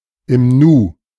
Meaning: in no time
- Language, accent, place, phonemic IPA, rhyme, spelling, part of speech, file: German, Germany, Berlin, /ɪm ˈnuː/, -uː, im Nu, adverb, De-im Nu.ogg